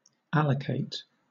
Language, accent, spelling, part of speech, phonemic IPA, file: English, Southern England, allocate, verb, /ˈæl.ə.keɪt/, LL-Q1860 (eng)-allocate.wav
- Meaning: 1. To set aside for a purpose 2. To distribute according to a plan, generally followed by the adposition to 3. To reserve a portion of memory for use by a computer program